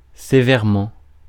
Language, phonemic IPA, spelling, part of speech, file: French, /se.vɛːʁ.mɑ̃/, sévèrement, adverb, Fr-sévèrement.ogg
- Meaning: 1. severely 2. austerely 3. rigorously, strictly 4. strictly, harshly 5. gravely, seriously